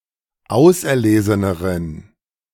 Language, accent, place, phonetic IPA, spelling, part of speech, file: German, Germany, Berlin, [ˈaʊ̯sʔɛɐ̯ˌleːzənəʁən], auserleseneren, adjective, De-auserleseneren.ogg
- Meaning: inflection of auserlesen: 1. strong genitive masculine/neuter singular comparative degree 2. weak/mixed genitive/dative all-gender singular comparative degree